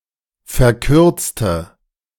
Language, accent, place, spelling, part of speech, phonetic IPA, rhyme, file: German, Germany, Berlin, verkürzte, adjective / verb, [fɛɐ̯ˈkʏʁt͡stə], -ʏʁt͡stə, De-verkürzte.ogg
- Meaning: inflection of verkürzen: 1. first/third-person singular preterite 2. first/third-person singular subjunctive II